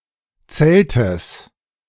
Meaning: genitive singular of Zelt
- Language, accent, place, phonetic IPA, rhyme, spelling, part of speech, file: German, Germany, Berlin, [ˈt͡sɛltəs], -ɛltəs, Zeltes, noun, De-Zeltes.ogg